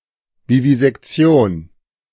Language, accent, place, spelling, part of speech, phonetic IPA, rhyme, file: German, Germany, Berlin, Vivisektion, noun, [vivizɛkˈt͡si̯oːn], -oːn, De-Vivisektion.ogg
- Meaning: vivisection